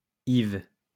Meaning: a male given name, borne by two French saints, and known in medieval romance
- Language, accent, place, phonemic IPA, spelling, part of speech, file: French, France, Lyon, /iv/, Yves, proper noun, LL-Q150 (fra)-Yves.wav